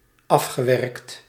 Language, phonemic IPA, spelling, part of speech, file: Dutch, /ˈɑfxəˌwɛrᵊkt/, afgewerkt, adjective / verb, Nl-afgewerkt.ogg
- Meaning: past participle of afwerken